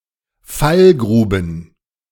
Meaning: plural of Fallgrube
- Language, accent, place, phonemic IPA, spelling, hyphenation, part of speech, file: German, Germany, Berlin, /ˈfalˌɡʀuːbn̩/, Fallgruben, Fall‧gru‧ben, noun, De-Fallgruben.ogg